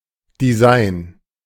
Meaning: design (creative profession or art)
- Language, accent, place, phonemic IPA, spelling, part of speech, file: German, Germany, Berlin, /diˈzaɪn/, Design, noun, De-Design.ogg